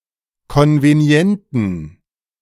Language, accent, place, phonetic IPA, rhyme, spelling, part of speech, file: German, Germany, Berlin, [ˌkɔnveˈni̯ɛntn̩], -ɛntn̩, konvenienten, adjective, De-konvenienten.ogg
- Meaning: inflection of konvenient: 1. strong genitive masculine/neuter singular 2. weak/mixed genitive/dative all-gender singular 3. strong/weak/mixed accusative masculine singular 4. strong dative plural